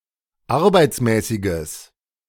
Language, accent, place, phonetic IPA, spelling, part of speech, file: German, Germany, Berlin, [ˈaʁbaɪ̯t͡smɛːsɪɡəs], arbeitsmäßiges, adjective, De-arbeitsmäßiges.ogg
- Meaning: strong/mixed nominative/accusative neuter singular of arbeitsmäßig